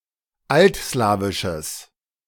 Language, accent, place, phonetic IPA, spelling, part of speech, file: German, Germany, Berlin, [ˈaltˌslaːvɪʃəs], altslawisches, adjective, De-altslawisches.ogg
- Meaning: strong/mixed nominative/accusative neuter singular of altslawisch